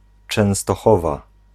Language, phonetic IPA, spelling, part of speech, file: Polish, [ˌt͡ʃɛ̃w̃stɔˈxɔva], Częstochowa, proper noun, Pl-Częstochowa.ogg